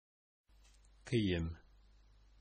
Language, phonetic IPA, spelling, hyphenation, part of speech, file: Bashkir, [kɪ̞ˈjɪ̞m], кейем, ке‧йем, noun, Ba-кейем.oga
- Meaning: 1. clothes, clothing, garments 2. costume, attire